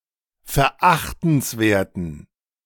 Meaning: inflection of verachtenswert: 1. strong genitive masculine/neuter singular 2. weak/mixed genitive/dative all-gender singular 3. strong/weak/mixed accusative masculine singular 4. strong dative plural
- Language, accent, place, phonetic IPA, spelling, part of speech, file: German, Germany, Berlin, [fɛɐ̯ˈʔaxtn̩sˌveːɐ̯tn̩], verachtenswerten, adjective, De-verachtenswerten.ogg